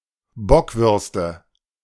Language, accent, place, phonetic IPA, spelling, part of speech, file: German, Germany, Berlin, [ˈbɔkvʏʁstə], Bockwürste, noun, De-Bockwürste.ogg
- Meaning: nominative/accusative/genitive plural of Bockwurst